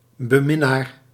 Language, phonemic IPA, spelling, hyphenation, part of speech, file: Dutch, /bəˈmɪˌnaːr/, beminnaar, be‧min‧naar, noun, Nl-beminnaar.ogg
- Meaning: 1. admirer, connoisseur, lover (one who appreciates a certain subject or activity) 2. sex mate, lover